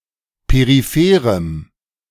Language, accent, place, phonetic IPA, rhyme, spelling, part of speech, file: German, Germany, Berlin, [peʁiˈfeːʁəm], -eːʁəm, peripherem, adjective, De-peripherem.ogg
- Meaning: strong dative masculine/neuter singular of peripher